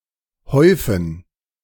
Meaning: 1. to heap (up), to pile up 2. to amass, accumulate, aggregate 3. to pile up, to accrete 4. to poop, defecate
- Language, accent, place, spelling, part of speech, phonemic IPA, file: German, Germany, Berlin, häufen, verb, /ˈhɔʏ̯fən/, De-häufen.ogg